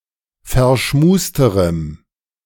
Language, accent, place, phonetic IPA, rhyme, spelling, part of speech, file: German, Germany, Berlin, [fɛɐ̯ˈʃmuːstəʁəm], -uːstəʁəm, verschmusterem, adjective, De-verschmusterem.ogg
- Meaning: strong dative masculine/neuter singular comparative degree of verschmust